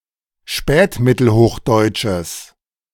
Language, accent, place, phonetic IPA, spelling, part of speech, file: German, Germany, Berlin, [ˈʃpɛːtmɪtl̩ˌhoːxdɔɪ̯t͡ʃəs], spätmittelhochdeutsches, adjective, De-spätmittelhochdeutsches.ogg
- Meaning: strong/mixed nominative/accusative neuter singular of spätmittelhochdeutsch